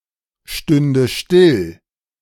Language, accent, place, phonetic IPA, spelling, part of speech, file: German, Germany, Berlin, [ˌʃtʏndə ˈʃtɪl], stünde still, verb, De-stünde still.ogg
- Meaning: first/third-person singular subjunctive II of stillstehen